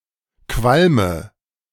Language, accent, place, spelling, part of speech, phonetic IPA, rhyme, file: German, Germany, Berlin, qualme, verb, [ˈkvalmə], -almə, De-qualme.ogg
- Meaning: inflection of qualmen: 1. first-person singular present 2. singular imperative 3. first/third-person singular subjunctive I